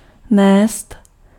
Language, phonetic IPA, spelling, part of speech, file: Czech, [ˈnɛːst], nést, verb, Cs-nést.ogg
- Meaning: to carry